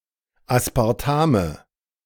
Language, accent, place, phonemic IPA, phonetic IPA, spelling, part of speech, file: German, Germany, Berlin, /aspaʁˈtamə/, [ʔäspʰäʁˈtʰämə], Aspartame, noun, De-Aspartame.ogg
- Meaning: nominative/accusative/genitive plural of Aspartam